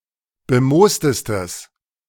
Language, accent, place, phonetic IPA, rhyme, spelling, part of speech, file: German, Germany, Berlin, [bəˈmoːstəstəs], -oːstəstəs, bemoostestes, adjective, De-bemoostestes.ogg
- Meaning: strong/mixed nominative/accusative neuter singular superlative degree of bemoost